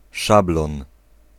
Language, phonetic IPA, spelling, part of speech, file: Polish, [ˈʃablɔ̃n], szablon, noun, Pl-szablon.ogg